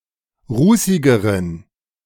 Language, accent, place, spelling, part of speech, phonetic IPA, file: German, Germany, Berlin, rußigeren, adjective, [ˈʁuːsɪɡəʁən], De-rußigeren.ogg
- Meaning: inflection of rußig: 1. strong genitive masculine/neuter singular comparative degree 2. weak/mixed genitive/dative all-gender singular comparative degree